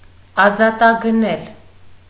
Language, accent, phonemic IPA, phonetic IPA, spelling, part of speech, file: Armenian, Eastern Armenian, /ɑzɑtɑɡəˈnel/, [ɑzɑtɑɡənél], ազատագնել, verb, Hy-ազատագնել.ogg
- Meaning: to ransom